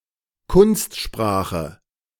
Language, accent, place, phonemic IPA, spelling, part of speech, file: German, Germany, Berlin, /ˈkʊnstˌʃpʁaːχə/, Kunstsprache, noun, De-Kunstsprache.ogg
- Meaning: 1. artistic, elegant language 2. jargon, technical language 3. an artificial language or artificially imitated style of speech 4. a constructed language